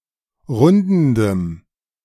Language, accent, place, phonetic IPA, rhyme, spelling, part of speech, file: German, Germany, Berlin, [ˈʁʊndn̩dəm], -ʊndn̩dəm, rundendem, adjective, De-rundendem.ogg
- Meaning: strong dative masculine/neuter singular of rundend